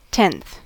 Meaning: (adjective) 1. The ordinal numeral form of ten; next in order after that which is ninth 2. Being one of ten equal parts of a whole
- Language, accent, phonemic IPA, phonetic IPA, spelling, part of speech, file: English, US, /tɛnθ/, [tʰɛn̪θ], tenth, adjective / noun / verb, En-us-tenth.ogg